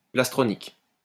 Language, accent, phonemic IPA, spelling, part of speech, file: French, France, /plas.tʁɔ.nik/, plastronique, adjective / noun, LL-Q150 (fra)-plastronique.wav
- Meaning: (adjective) plastronic; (noun) plastronics